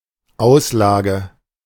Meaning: 1. display 2. expense, expenditure
- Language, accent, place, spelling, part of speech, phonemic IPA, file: German, Germany, Berlin, Auslage, noun, /ˈaʊ̯slaːɡə/, De-Auslage.ogg